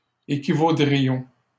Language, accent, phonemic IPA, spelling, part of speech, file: French, Canada, /e.ki.vo.dʁi.jɔ̃/, équivaudrions, verb, LL-Q150 (fra)-équivaudrions.wav
- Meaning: first-person plural conditional of équivaloir